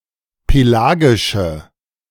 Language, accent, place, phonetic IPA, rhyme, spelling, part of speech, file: German, Germany, Berlin, [peˈlaːɡɪʃə], -aːɡɪʃə, pelagische, adjective, De-pelagische.ogg
- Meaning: inflection of pelagisch: 1. strong/mixed nominative/accusative feminine singular 2. strong nominative/accusative plural 3. weak nominative all-gender singular